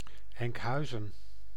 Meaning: a city and municipality of North Holland, Netherlands
- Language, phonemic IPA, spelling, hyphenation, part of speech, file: Dutch, /ɛŋkˈɦœy̯.zə(n)/, Enkhuizen, Enk‧hui‧zen, proper noun, Nl-Enkhuizen.ogg